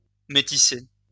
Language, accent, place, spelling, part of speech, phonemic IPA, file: French, France, Lyon, métisser, verb, /me.ti.se/, LL-Q150 (fra)-métisser.wav
- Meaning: 1. to mix 2. to cross, crossbreed